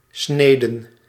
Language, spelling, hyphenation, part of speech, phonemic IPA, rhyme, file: Dutch, snede, sne‧de, noun / verb, /ˈsneː.də/, -eːdə, Nl-snede.ogg
- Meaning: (noun) alternative form of snee; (verb) singular past subjunctive of snijden